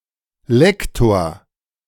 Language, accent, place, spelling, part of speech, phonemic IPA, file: German, Germany, Berlin, Lektor, noun, /ˈlɛktoːr/, De-Lektor.ogg
- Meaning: 1. reviser, proofreader (a person who proofreads or corrects written material) 2. language instructor, chiefly at university level